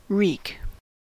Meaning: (verb) 1. To cause harm; to afflict; to inflict; to harm or injure; to let out harm 2. To chasten, or chastise/chastize, or castigate, or punish, or smite 3. To inflict or take vengeance on
- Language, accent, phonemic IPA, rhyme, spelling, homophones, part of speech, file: English, US, /ɹik/, -iːk, wreak, reek, verb / noun, En-us-wreak.ogg